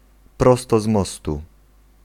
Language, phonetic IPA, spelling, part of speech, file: Polish, [ˈprɔstɔ ˈz‿mɔstu], prosto z mostu, adverbial phrase, Pl-prosto z mostu.ogg